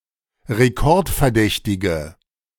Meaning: inflection of rekordverdächtig: 1. strong/mixed nominative/accusative feminine singular 2. strong nominative/accusative plural 3. weak nominative all-gender singular
- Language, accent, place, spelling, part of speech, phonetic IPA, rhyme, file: German, Germany, Berlin, rekordverdächtige, adjective, [ʁeˈkɔʁtfɛɐ̯ˌdɛçtɪɡə], -ɔʁtfɛɐ̯dɛçtɪɡə, De-rekordverdächtige.ogg